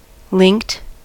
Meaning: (adjective) 1. Connected, either with links, or as if with links 2. Having links (between modules, records, etc); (verb) simple past and past participle of link
- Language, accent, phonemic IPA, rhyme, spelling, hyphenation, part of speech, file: English, US, /lɪŋkt/, -ɪŋkt, linked, linked, adjective / verb, En-us-linked.ogg